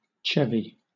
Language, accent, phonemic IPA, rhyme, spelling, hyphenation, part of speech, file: English, Southern England, /ˈt͡ʃɛvi/, -ɛvi, chevy, che‧vy, noun / verb, LL-Q1860 (eng)-chevy.wav
- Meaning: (noun) 1. A hunt or pursuit; a chase 2. A cry used in hunting 3. The game of prisoners' bars; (verb) 1. To chase or hunt 2. To vex or harass with petty attacks 3. To maneuver or secure gradually